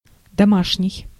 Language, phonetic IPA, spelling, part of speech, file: Russian, [dɐˈmaʂnʲɪj], домашний, adjective / noun, Ru-домашний.ogg
- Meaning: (adjective) 1. home, household, house 2. private 3. domestic; (relational) family 4. home-made, homespun; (noun) (own) folks, family